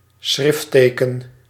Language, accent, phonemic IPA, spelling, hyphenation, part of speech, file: Dutch, Netherlands, /ˈsxrɪf.tə.kə(n)/, schriftteken, schrift‧te‧ken, noun, Nl-schriftteken.ogg
- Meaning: glyph